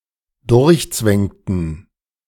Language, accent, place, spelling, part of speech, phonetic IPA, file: German, Germany, Berlin, durchzwängten, verb, [ˈdʊʁçˌt͡svɛŋtn̩], De-durchzwängten.ogg
- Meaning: inflection of durchzwängen: 1. first/third-person plural dependent preterite 2. first/third-person plural dependent subjunctive II